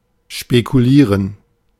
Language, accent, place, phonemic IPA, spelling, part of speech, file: German, Germany, Berlin, /ʃpekuˈliːʁən/, spekulieren, verb, De-spekulieren.ogg
- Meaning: to speculate